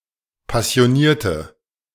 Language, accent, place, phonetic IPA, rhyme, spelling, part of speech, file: German, Germany, Berlin, [pasi̯oˈniːɐ̯tə], -iːɐ̯tə, passionierte, adjective / verb, De-passionierte.ogg
- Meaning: inflection of passioniert: 1. strong/mixed nominative/accusative feminine singular 2. strong nominative/accusative plural 3. weak nominative all-gender singular